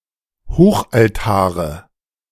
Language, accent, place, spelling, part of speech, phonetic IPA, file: German, Germany, Berlin, Hochaltare, noun, [ˈhoːxʔalˌtaːʁə], De-Hochaltare.ogg
- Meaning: dative singular of Hochaltar